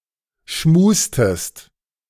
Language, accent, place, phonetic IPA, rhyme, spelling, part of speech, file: German, Germany, Berlin, [ˈʃmuːstəst], -uːstəst, schmustest, verb, De-schmustest.ogg
- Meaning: inflection of schmusen: 1. second-person singular preterite 2. second-person singular subjunctive II